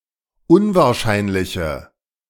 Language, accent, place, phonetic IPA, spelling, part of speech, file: German, Germany, Berlin, [ˈʊnvaːɐ̯ˌʃaɪ̯nlɪçə], unwahrscheinliche, adjective, De-unwahrscheinliche.ogg
- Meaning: inflection of unwahrscheinlich: 1. strong/mixed nominative/accusative feminine singular 2. strong nominative/accusative plural 3. weak nominative all-gender singular